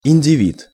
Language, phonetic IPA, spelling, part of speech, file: Russian, [ɪnʲdʲɪˈvʲit], индивид, noun, Ru-индивид.ogg
- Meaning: individual